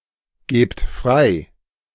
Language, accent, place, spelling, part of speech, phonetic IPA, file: German, Germany, Berlin, gebt frei, verb, [ˌɡeːpt ˈfʁaɪ̯], De-gebt frei.ogg
- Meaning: inflection of freigeben: 1. second-person plural present 2. plural imperative